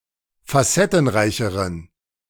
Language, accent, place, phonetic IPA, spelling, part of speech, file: German, Germany, Berlin, [faˈsɛtn̩ˌʁaɪ̯çəʁən], facettenreicheren, adjective, De-facettenreicheren.ogg
- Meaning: inflection of facettenreich: 1. strong genitive masculine/neuter singular comparative degree 2. weak/mixed genitive/dative all-gender singular comparative degree